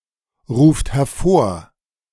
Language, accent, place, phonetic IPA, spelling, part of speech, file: German, Germany, Berlin, [ˌʁuːft hɛɐ̯ˈfoːɐ̯], ruft hervor, verb, De-ruft hervor.ogg
- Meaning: second-person plural present of hervorrufen